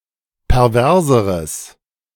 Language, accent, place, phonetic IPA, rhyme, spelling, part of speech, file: German, Germany, Berlin, [pɛʁˈvɛʁzəʁəs], -ɛʁzəʁəs, perverseres, adjective, De-perverseres.ogg
- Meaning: strong/mixed nominative/accusative neuter singular comparative degree of pervers